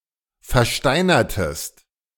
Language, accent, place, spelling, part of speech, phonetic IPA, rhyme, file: German, Germany, Berlin, versteinertest, verb, [fɛɐ̯ˈʃtaɪ̯nɐtəst], -aɪ̯nɐtəst, De-versteinertest.ogg
- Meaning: inflection of versteinern: 1. second-person singular preterite 2. second-person singular subjunctive II